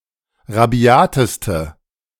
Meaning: inflection of rabiat: 1. strong/mixed nominative/accusative feminine singular superlative degree 2. strong nominative/accusative plural superlative degree
- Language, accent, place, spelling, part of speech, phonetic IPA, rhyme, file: German, Germany, Berlin, rabiateste, adjective, [ʁaˈbi̯aːtəstə], -aːtəstə, De-rabiateste.ogg